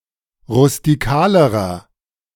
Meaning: inflection of rustikal: 1. strong/mixed nominative masculine singular comparative degree 2. strong genitive/dative feminine singular comparative degree 3. strong genitive plural comparative degree
- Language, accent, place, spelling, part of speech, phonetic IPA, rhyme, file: German, Germany, Berlin, rustikalerer, adjective, [ʁʊstiˈkaːləʁɐ], -aːləʁɐ, De-rustikalerer.ogg